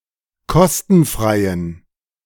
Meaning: inflection of kostenfrei: 1. strong genitive masculine/neuter singular 2. weak/mixed genitive/dative all-gender singular 3. strong/weak/mixed accusative masculine singular 4. strong dative plural
- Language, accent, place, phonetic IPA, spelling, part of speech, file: German, Germany, Berlin, [ˈkɔstn̩ˌfʁaɪ̯ən], kostenfreien, adjective, De-kostenfreien.ogg